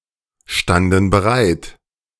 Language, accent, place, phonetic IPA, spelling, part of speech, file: German, Germany, Berlin, [ˌʃtandn̩ bəˈʁaɪ̯t], standen bereit, verb, De-standen bereit.ogg
- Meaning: first/third-person plural preterite of bereitstehen